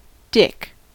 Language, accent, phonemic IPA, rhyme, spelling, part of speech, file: English, US, /dɪk/, -ɪk, dick, noun / verb / numeral, En-us-dick.ogg
- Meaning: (noun) 1. A male person 2. The penis 3. A contemptible or obnoxious person; a jerk; traditionally, especially, a male jerk 4. Absolutely nothing 5. Sexual intercourse with a man